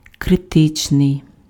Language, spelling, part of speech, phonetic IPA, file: Ukrainian, критичний, adjective, [kreˈtɪt͡ʃnei̯], Uk-критичний.ogg
- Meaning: critical